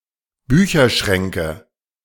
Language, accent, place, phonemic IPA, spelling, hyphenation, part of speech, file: German, Germany, Berlin, /ˈbyːçɐˌʃʁɛŋkə/, Bücherschränke, Bü‧cher‧schrän‧ke, noun, De-Bücherschränke.ogg
- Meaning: nominative/accusative/genitive plural of Bücherschrank